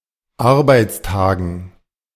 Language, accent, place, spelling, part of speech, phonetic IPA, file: German, Germany, Berlin, Arbeitstagen, noun, [ˈaʁbaɪ̯t͡sˌtaːɡn̩], De-Arbeitstagen.ogg
- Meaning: dative plural of Arbeitstag